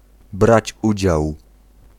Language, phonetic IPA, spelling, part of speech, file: Polish, [ˈbrat͡ɕ ˈud͡ʑaw], brać udział, phrase, Pl-brać udział.ogg